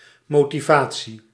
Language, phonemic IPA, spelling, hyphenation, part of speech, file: Dutch, /moː.tiˈvaː.(t)si/, motivatie, mo‧ti‧va‧tie, noun, Nl-motivatie.ogg
- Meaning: motivation